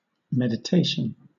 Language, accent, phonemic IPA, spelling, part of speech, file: English, Southern England, /mɛdɪˈteɪʃn̩/, meditation, noun, LL-Q1860 (eng)-meditation.wav
- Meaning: A devotional exercise of, or leading to, contemplation